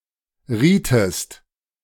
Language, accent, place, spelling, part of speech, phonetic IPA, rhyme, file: German, Germany, Berlin, rietest, verb, [ˈʁiːtəst], -iːtəst, De-rietest.ogg
- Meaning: inflection of raten: 1. second-person singular preterite 2. second-person singular subjunctive II